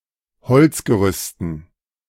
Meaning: dative plural of Holzgerüst
- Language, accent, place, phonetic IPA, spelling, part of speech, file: German, Germany, Berlin, [ˈhɔlt͡sɡəˌʁʏstn̩], Holzgerüsten, noun, De-Holzgerüsten.ogg